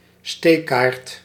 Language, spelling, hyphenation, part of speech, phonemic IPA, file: Dutch, steekkaart, steek‧kaart, noun, /ˈsteː.kaːrt/, Nl-steekkaart.ogg
- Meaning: file card